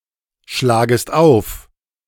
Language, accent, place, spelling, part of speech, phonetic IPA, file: German, Germany, Berlin, schlagest auf, verb, [ˌʃlaːɡəst ˈaʊ̯f], De-schlagest auf.ogg
- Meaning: second-person singular subjunctive I of aufschlagen